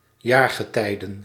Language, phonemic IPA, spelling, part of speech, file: Dutch, /ˈjaarɣəˌtɛidə(n)/, jaargetijden, noun, Nl-jaargetijden.ogg
- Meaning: 1. plural of jaargetij 2. plural of jaargetijde